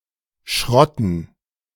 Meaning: dative plural of Schrott
- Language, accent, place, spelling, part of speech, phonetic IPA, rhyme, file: German, Germany, Berlin, Schrotten, noun, [ˈʃʁɔtn̩], -ɔtn̩, De-Schrotten.ogg